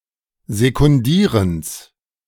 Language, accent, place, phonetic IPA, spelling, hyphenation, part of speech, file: German, Germany, Berlin, [zekʊnˈdiːʁəns], Sekundierens, Se‧kun‧die‧rens, noun, De-Sekundierens.ogg
- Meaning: genitive singular of Sekundieren